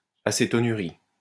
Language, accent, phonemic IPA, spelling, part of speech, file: French, France, /a.se.tɔ.ny.ʁi/, acétonurie, noun, LL-Q150 (fra)-acétonurie.wav
- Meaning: acetonuria